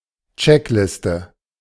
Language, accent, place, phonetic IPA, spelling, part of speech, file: German, Germany, Berlin, [ˈt͡ʃɛkˌlɪstə], Checkliste, noun, De-Checkliste.ogg
- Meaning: checklist